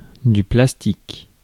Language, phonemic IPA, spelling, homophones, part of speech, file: French, /plas.tik/, plastique, plastiques, adjective / noun, Fr-plastique.ogg
- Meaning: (adjective) 1. plastic 2. plastic, permanent, irreversible; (noun) 1. material that can be moulded into a desired form, plastic 2. a synthetic hydrocarbon-based polymer, plastic